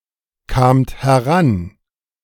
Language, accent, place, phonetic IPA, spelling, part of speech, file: German, Germany, Berlin, [kaːmt hɛˈʁan], kamt heran, verb, De-kamt heran.ogg
- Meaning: second-person plural preterite of herankommen